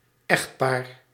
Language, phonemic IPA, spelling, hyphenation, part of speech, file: Dutch, /ˈɛxt.paːr/, echtpaar, echt‧paar, noun, Nl-echtpaar.ogg
- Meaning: a married couple